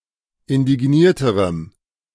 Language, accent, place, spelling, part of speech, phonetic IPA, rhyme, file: German, Germany, Berlin, indignierterem, adjective, [ɪndɪˈɡniːɐ̯təʁəm], -iːɐ̯təʁəm, De-indignierterem.ogg
- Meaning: strong dative masculine/neuter singular comparative degree of indigniert